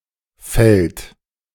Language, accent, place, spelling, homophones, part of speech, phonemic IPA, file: German, Germany, Berlin, fällt, Feld, verb, /fɛlt/, De-fällt.ogg
- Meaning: 1. third-person singular present of fallen 2. inflection of fällen: third-person singular present 3. inflection of fällen: second-person plural present 4. inflection of fällen: plural imperative